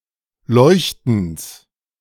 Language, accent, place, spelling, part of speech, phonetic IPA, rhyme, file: German, Germany, Berlin, Leuchtens, noun, [ˈlɔɪ̯çtn̩s], -ɔɪ̯çtn̩s, De-Leuchtens.ogg
- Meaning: genitive singular of Leuchten